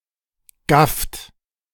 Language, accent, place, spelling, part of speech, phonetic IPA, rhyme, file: German, Germany, Berlin, gafft, verb, [ɡaft], -aft, De-gafft.ogg
- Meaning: inflection of gaffen: 1. third-person singular present 2. second-person plural present 3. plural imperative